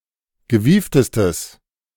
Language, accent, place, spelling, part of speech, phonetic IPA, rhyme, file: German, Germany, Berlin, gewieftestes, adjective, [ɡəˈviːftəstəs], -iːftəstəs, De-gewieftestes.ogg
- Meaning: strong/mixed nominative/accusative neuter singular superlative degree of gewieft